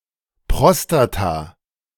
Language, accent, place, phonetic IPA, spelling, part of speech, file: German, Germany, Berlin, [ˈpʁɔstata], Prostata, noun, De-Prostata.ogg
- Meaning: prostate